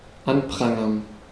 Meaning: 1. to denounce, to pillory (to criticize harshly in public) 2. to pillory (to put [someone] in a pillory)
- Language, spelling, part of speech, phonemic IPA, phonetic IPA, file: German, anprangern, verb, /ˈanˌpʁaŋəʁn/, [ˈʔanˌpʁaŋɐn], De-anprangern.ogg